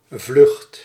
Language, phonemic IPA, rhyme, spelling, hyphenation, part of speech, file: Dutch, /vlʏxt/, -ʏxt, vlucht, vlucht, noun / verb, Nl-vlucht.ogg
- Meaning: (noun) 1. flight (the act of flying, an instance thereof) 2. a flock, a swarm (of flying birds) 3. flight, escape; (verb) inflection of vluchten: first/second/third-person singular present indicative